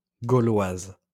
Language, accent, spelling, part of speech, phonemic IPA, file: French, France, gauloise, adjective / noun, /ɡo.lwaz/, LL-Q150 (fra)-gauloise.wav
- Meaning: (adjective) feminine singular of gaulois; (noun) alternative letter-case form of Gauloise